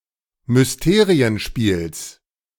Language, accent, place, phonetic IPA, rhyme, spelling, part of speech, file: German, Germany, Berlin, [mʏsˈteːʁiənˌʃpiːls], -eːʁiənʃpiːls, Mysterienspiels, noun, De-Mysterienspiels.ogg
- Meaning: genitive of Mysterienspiel